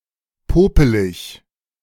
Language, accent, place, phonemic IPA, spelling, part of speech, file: German, Germany, Berlin, /ˈpoːpəlɪç/, popelig, adjective, De-popelig.ogg
- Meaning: 1. unimpressive, quotidian 2. shabby, crummy (of poor quality)